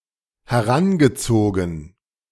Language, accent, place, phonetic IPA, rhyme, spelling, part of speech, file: German, Germany, Berlin, [hɛˈʁanɡəˌt͡soːɡn̩], -anɡət͡soːɡn̩, herangezogen, verb, De-herangezogen.ogg
- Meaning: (verb) past participle of heranziehen; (adjective) 1. used 2. consulted